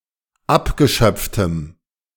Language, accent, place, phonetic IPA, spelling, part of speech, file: German, Germany, Berlin, [ˈapɡəˌʃœp͡ftəm], abgeschöpftem, adjective, De-abgeschöpftem.ogg
- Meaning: strong dative masculine/neuter singular of abgeschöpft